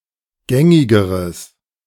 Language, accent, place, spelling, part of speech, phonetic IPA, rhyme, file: German, Germany, Berlin, gängigeres, adjective, [ˈɡɛŋɪɡəʁəs], -ɛŋɪɡəʁəs, De-gängigeres.ogg
- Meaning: strong/mixed nominative/accusative neuter singular comparative degree of gängig